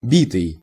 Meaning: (verb) past passive imperfective participle of бить (bitʹ); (adjective) beaten
- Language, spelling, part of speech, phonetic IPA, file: Russian, битый, verb / adjective, [ˈbʲitɨj], Ru-битый.ogg